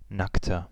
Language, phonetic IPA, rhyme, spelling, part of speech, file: German, [ˈnaktɐ], -aktɐ, nackter, adjective, De-nackter.ogg
- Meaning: 1. comparative degree of nackt 2. inflection of nackt: strong/mixed nominative masculine singular 3. inflection of nackt: strong genitive/dative feminine singular